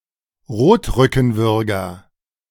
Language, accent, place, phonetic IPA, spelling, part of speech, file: German, Germany, Berlin, [ˈʁoːtʁʏkn̩ˌvʏʁɡɐ], Rotrückenwürger, noun, De-Rotrückenwürger.ogg
- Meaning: red-backed shrike